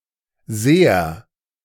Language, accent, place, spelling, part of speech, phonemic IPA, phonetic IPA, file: German, Germany, Berlin, Seher, noun, /ˈzeːər/, [ˈzeːɐ], De-Seher.ogg
- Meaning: seer (one who fortells the future)